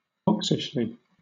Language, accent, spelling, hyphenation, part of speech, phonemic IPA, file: English, Southern England, oxishly, ox‧ish‧ly, adverb, /ˈɒksɪʃli/, LL-Q1860 (eng)-oxishly.wav
- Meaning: In a manner like that of an ox